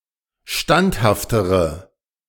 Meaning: inflection of standhaft: 1. strong/mixed nominative/accusative feminine singular comparative degree 2. strong nominative/accusative plural comparative degree
- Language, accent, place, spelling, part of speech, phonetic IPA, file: German, Germany, Berlin, standhaftere, adjective, [ˈʃtanthaftəʁə], De-standhaftere.ogg